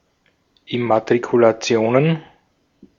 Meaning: plural of Immatrikulation
- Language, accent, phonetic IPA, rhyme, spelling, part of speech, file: German, Austria, [ɪmatʁikulaˈt͡si̯oːnən], -oːnən, Immatrikulationen, noun, De-at-Immatrikulationen.ogg